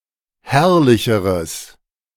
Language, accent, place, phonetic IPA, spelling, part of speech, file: German, Germany, Berlin, [ˈhɛʁlɪçəʁəs], herrlicheres, adjective, De-herrlicheres.ogg
- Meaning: strong/mixed nominative/accusative neuter singular comparative degree of herrlich